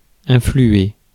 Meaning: to influence (to exert an influence upon)
- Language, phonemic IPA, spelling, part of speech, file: French, /ɛ̃.fly.e/, influer, verb, Fr-influer.ogg